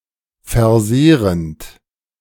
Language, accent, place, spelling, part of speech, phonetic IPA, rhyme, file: German, Germany, Berlin, versehrend, verb, [fɛɐ̯ˈzeːʁənt], -eːʁənt, De-versehrend.ogg
- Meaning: present participle of versehren